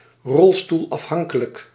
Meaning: bound to a wheelchair, wheelchair-dependent
- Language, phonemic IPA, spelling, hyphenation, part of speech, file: Dutch, /ˌrɔl.stul.ɑfˈɦɑŋ.kə.lək/, rolstoelafhankelijk, rol‧stoel‧af‧han‧ke‧lijk, adjective, Nl-rolstoelafhankelijk.ogg